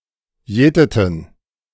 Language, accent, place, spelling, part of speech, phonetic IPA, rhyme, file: German, Germany, Berlin, jäteten, verb, [ˈjɛːtətn̩], -ɛːtətn̩, De-jäteten.ogg
- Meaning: inflection of jäten: 1. first/third-person plural preterite 2. first/third-person plural subjunctive II